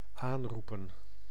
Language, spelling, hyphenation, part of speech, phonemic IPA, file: Dutch, aanroepen, aan‧roe‧pen, verb, /ˈaːnrupə(n)/, Nl-aanroepen.ogg
- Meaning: 1. to invoke (call upon someone for help etc.) 2. to call, to invoke (a subroutine, etc.)